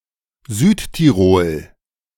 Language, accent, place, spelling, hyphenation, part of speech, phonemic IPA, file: German, Germany, Berlin, Südtirol, Süd‧ti‧rol, proper noun, /ˈzyːttiˌʁoːl/, De-Südtirol.ogg
- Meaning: South Tyrol (a predominantly German-speaking autonomous province of the Trentino-Alto Adige region in north-east Italy; until 1919 part of Austria, since 1972 under a special autonomy statute)